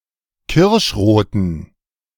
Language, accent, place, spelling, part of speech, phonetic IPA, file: German, Germany, Berlin, kirschroten, adjective, [ˈkɪʁʃˌʁoːtn̩], De-kirschroten.ogg
- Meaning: inflection of kirschrot: 1. strong genitive masculine/neuter singular 2. weak/mixed genitive/dative all-gender singular 3. strong/weak/mixed accusative masculine singular 4. strong dative plural